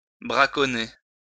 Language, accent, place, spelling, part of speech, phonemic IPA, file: French, France, Lyon, braconner, verb, /bʁa.kɔ.ne/, LL-Q150 (fra)-braconner.wav
- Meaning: to poach (hunt clandestinely)